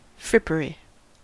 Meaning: 1. Ostentation, as in fancy clothing 2. Useless things; trifles 3. Cast-off clothes 4. The trade or traffic in old clothes 5. The place where old clothes are sold
- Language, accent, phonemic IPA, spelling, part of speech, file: English, US, /ˈfɹɪpəɹi/, frippery, noun, En-us-frippery.ogg